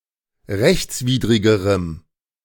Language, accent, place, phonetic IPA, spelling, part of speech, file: German, Germany, Berlin, [ˈʁɛçt͡sˌviːdʁɪɡəʁəm], rechtswidrigerem, adjective, De-rechtswidrigerem.ogg
- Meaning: strong dative masculine/neuter singular comparative degree of rechtswidrig